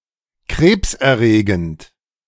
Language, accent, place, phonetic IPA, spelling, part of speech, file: German, Germany, Berlin, [ˈkʁeːpsʔɛɐ̯ˌʁeːɡn̩t], krebserregend, adjective, De-krebserregend.ogg
- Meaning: carcinogenic, oncogenic